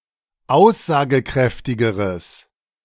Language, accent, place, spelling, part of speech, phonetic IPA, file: German, Germany, Berlin, aussagekräftigeres, adjective, [ˈaʊ̯szaːɡəˌkʁɛftɪɡəʁəs], De-aussagekräftigeres.ogg
- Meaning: strong/mixed nominative/accusative neuter singular comparative degree of aussagekräftig